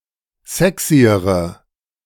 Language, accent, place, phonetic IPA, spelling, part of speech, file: German, Germany, Berlin, [ˈzɛksiəʁə], sexyere, adjective, De-sexyere.ogg
- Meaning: inflection of sexy: 1. strong/mixed nominative/accusative feminine singular comparative degree 2. strong nominative/accusative plural comparative degree